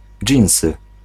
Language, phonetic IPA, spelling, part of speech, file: Polish, [ˈd͡ʒʲĩw̃sɨ], dżinsy, noun, Pl-dżinsy.ogg